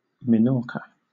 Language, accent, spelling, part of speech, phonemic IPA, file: English, Southern England, Minorca, proper noun / noun, /mɪˈnɔː(ɹ)kə/, LL-Q1860 (eng)-Minorca.wav
- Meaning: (proper noun) An island of the Balearic Islands, Spain, east of Mallorca; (noun) A domestic chicken of a certain breed originating on the island of Menorca